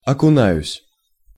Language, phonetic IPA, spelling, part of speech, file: Russian, [ɐkʊˈnajʉsʲ], окунаюсь, verb, Ru-окунаюсь.ogg
- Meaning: first-person singular present indicative imperfective of окуна́ться (okunátʹsja)